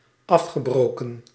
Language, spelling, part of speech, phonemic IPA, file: Dutch, afgebroken, verb, /ˈɑfxəˌbroːkə(n)/, Nl-afgebroken.ogg
- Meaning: past participle of afbreken